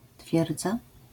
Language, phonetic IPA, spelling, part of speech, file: Polish, [ˈtfʲjɛrd͡za], twierdza, noun, LL-Q809 (pol)-twierdza.wav